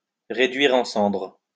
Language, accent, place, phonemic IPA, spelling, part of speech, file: French, France, Lyon, /ʁe.dɥi.ʁ‿ɑ̃ sɑ̃dʁ/, réduire en cendres, verb, LL-Q150 (fra)-réduire en cendres.wav
- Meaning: to burn to ashes, to reduce to ashes